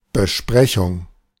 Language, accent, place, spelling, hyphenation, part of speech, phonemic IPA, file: German, Germany, Berlin, Besprechung, Be‧spre‧chung, noun, /bəˈʃpʁɛçʊŋ/, De-Besprechung.ogg
- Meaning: 1. meeting, discussion, (gathering among business people to discuss their business) 2. Review